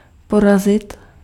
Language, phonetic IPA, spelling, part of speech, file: Czech, [ˈporazɪt], porazit, verb, Cs-porazit.ogg
- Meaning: 1. to defeat (to overcome) 2. to slaughter